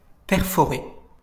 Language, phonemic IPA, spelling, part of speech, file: French, /pɛʁ.fɔ.ʁe/, perforer, verb, LL-Q150 (fra)-perforer.wav
- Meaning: 1. to perforate 2. to punch (holes in)